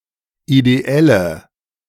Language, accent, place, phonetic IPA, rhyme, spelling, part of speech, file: German, Germany, Berlin, [ideˈɛlə], -ɛlə, ideelle, adjective, De-ideelle.ogg
- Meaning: inflection of ideell: 1. strong/mixed nominative/accusative feminine singular 2. strong nominative/accusative plural 3. weak nominative all-gender singular 4. weak accusative feminine/neuter singular